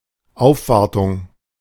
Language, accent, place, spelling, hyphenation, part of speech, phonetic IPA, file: German, Germany, Berlin, Aufwartung, Auf‧war‧tung, noun, [ˈaʊ̯fˌvaʁtʊŋ], De-Aufwartung.ogg
- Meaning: visit out of politeness